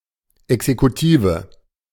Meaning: executive branch
- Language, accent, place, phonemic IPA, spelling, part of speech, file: German, Germany, Berlin, /ɛksekuˈtiːvə/, Exekutive, noun, De-Exekutive.ogg